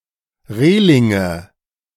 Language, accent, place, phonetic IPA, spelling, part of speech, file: German, Germany, Berlin, [ˈʁeːlɪŋə], Relinge, noun, De-Relinge.ogg
- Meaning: nominative/accusative/genitive plural of Reling